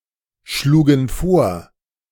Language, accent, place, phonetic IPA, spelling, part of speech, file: German, Germany, Berlin, [ˌʃluːɡn̩ ˈfoːɐ̯], schlugen vor, verb, De-schlugen vor.ogg
- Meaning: first/third-person plural preterite of vorschlagen